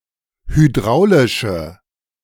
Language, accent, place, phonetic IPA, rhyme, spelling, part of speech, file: German, Germany, Berlin, [hyˈdʁaʊ̯lɪʃə], -aʊ̯lɪʃə, hydraulische, adjective, De-hydraulische.ogg
- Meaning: inflection of hydraulisch: 1. strong/mixed nominative/accusative feminine singular 2. strong nominative/accusative plural 3. weak nominative all-gender singular